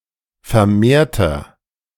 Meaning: inflection of vermehrt: 1. strong/mixed nominative masculine singular 2. strong genitive/dative feminine singular 3. strong genitive plural
- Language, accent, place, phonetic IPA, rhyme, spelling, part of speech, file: German, Germany, Berlin, [fɛɐ̯ˈmeːɐ̯tɐ], -eːɐ̯tɐ, vermehrter, adjective, De-vermehrter.ogg